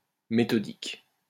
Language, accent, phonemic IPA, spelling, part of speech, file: French, France, /me.tɔ.dik/, méthodique, adjective, LL-Q150 (fra)-méthodique.wav
- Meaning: methodical